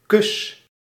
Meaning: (noun) kiss: 1. kiss of peace (Christian greeting) 2. socialist fraternal kiss; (verb) inflection of kussen: 1. first-person singular present indicative 2. second-person singular present indicative
- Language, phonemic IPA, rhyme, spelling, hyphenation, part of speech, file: Dutch, /kʏs/, -ʏs, kus, kus, noun / verb, Nl-kus.ogg